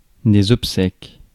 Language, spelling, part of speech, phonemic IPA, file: French, obsèques, noun, /ɔp.sɛk/, Fr-obsèques.ogg
- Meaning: 1. plural of obsèque 2. funeral